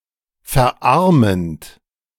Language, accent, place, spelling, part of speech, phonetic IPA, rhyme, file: German, Germany, Berlin, verarmend, verb, [fɛɐ̯ˈʔaʁmənt], -aʁmənt, De-verarmend.ogg
- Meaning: present participle of verarmen